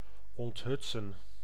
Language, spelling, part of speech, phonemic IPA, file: Dutch, onthutsen, verb, /ˌɔntˈɦʏt.sə(n)/, Nl-onthutsen.ogg
- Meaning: to dismay, to stun